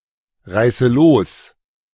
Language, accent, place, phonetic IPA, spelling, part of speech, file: German, Germany, Berlin, [ˌʁaɪ̯sə ˈloːs], reiße los, verb, De-reiße los.ogg
- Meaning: inflection of losreißen: 1. first-person singular present 2. first/third-person singular subjunctive I 3. singular imperative